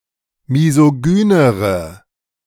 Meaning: inflection of misogyn: 1. strong/mixed nominative/accusative feminine singular comparative degree 2. strong nominative/accusative plural comparative degree
- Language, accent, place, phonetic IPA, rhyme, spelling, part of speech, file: German, Germany, Berlin, [mizoˈɡyːnəʁə], -yːnəʁə, misogynere, adjective, De-misogynere.ogg